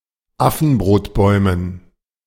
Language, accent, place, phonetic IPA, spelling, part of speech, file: German, Germany, Berlin, [ˈafn̩bʁoːtˌbɔɪ̯mən], Affenbrotbäumen, noun, De-Affenbrotbäumen.ogg
- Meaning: dative plural of Affenbrotbaum